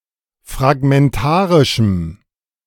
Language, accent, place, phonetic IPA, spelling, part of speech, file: German, Germany, Berlin, [fʁaɡmɛnˈtaːʁɪʃəm], fragmentarischem, adjective, De-fragmentarischem.ogg
- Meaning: strong dative masculine/neuter singular of fragmentarisch